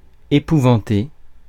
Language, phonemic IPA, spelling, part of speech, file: French, /e.pu.vɑ̃.te/, épouvanter, verb, Fr-épouvanter.ogg
- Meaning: to terrify, horrify